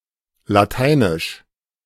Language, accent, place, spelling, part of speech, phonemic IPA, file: German, Germany, Berlin, Lateinisch, proper noun / adjective, /laˈtaɪ̯nɪʃ/, De-Lateinisch.ogg
- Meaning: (proper noun) 1. Latin (language of the ancient Romans) 2. Latin (alphabet); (adjective) Latin